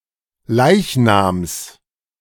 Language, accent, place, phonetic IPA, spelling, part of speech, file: German, Germany, Berlin, [ˈlaɪ̯çnaːms], Leichnams, noun, De-Leichnams.ogg
- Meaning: genitive of Leichnam